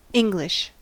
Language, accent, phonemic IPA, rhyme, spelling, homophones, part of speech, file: English, US, /ˈɪŋ.ɡlɪʃ/, -ɪŋɡlɪʃ, english, English, noun, En-us-english.ogg
- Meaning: 1. Spinning or rotary motion given to a ball around the vertical axis, as in pool, billiards or bowling; spin, sidespin 2. An unusual or unexpected interpretation of a text or idea, a spin, a nuance